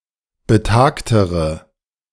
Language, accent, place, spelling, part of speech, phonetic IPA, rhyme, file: German, Germany, Berlin, betagtere, adjective, [bəˈtaːktəʁə], -aːktəʁə, De-betagtere.ogg
- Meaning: inflection of betagt: 1. strong/mixed nominative/accusative feminine singular comparative degree 2. strong nominative/accusative plural comparative degree